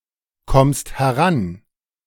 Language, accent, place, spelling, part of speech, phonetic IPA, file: German, Germany, Berlin, kommst heran, verb, [ˌkɔmst hɛˈʁan], De-kommst heran.ogg
- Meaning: second-person singular present of herankommen